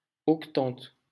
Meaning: eighty
- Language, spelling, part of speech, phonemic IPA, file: French, octante, numeral, /ɔk.tɑ̃t/, LL-Q150 (fra)-octante.wav